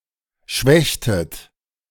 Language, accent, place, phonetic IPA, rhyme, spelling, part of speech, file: German, Germany, Berlin, [ˈʃvɛçtət], -ɛçtət, schwächtet, verb, De-schwächtet.ogg
- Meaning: inflection of schwächen: 1. second-person plural preterite 2. second-person plural subjunctive II